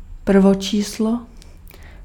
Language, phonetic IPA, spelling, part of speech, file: Czech, [ˈpr̩vot͡ʃiːslo], prvočíslo, noun, Cs-prvočíslo.ogg
- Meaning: prime number